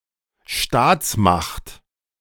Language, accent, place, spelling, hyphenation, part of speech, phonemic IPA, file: German, Germany, Berlin, Staatsmacht, Staats‧macht, noun, /ˈʃtaːt͡sˌmaxt/, De-Staatsmacht.ogg
- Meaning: state power